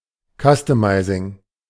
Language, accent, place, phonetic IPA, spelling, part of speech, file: German, Germany, Berlin, [ˈkʌstəˌmaɪ̯zɪŋ], Customizing, noun, De-Customizing.ogg
- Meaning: customization